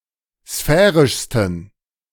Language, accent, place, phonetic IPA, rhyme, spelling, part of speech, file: German, Germany, Berlin, [ˈsfɛːʁɪʃstn̩], -ɛːʁɪʃstn̩, sphärischsten, adjective, De-sphärischsten.ogg
- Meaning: 1. superlative degree of sphärisch 2. inflection of sphärisch: strong genitive masculine/neuter singular superlative degree